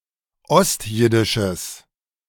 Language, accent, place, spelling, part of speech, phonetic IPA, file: German, Germany, Berlin, ostjiddisches, adjective, [ˈɔstˌjɪdɪʃəs], De-ostjiddisches.ogg
- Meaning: strong/mixed nominative/accusative neuter singular of ostjiddisch